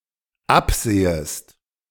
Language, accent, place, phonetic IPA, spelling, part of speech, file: German, Germany, Berlin, [ˈapˌz̥eːəst], absehest, verb, De-absehest.ogg
- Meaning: second-person singular dependent subjunctive I of absehen